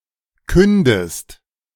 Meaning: inflection of künden: 1. second-person singular present 2. second-person singular subjunctive I
- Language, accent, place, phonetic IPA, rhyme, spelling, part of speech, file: German, Germany, Berlin, [ˈkʏndəst], -ʏndəst, kündest, verb, De-kündest.ogg